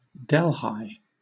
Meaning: A locale in North America; named for the city in India.: 1. A census-designated place in Merced County, California 2. A town in Delaware County, New York
- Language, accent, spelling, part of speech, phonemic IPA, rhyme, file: English, Southern England, Delhi, proper noun, /ˈdɛl.haɪ/, -aɪ, LL-Q1860 (eng)-Delhi.wav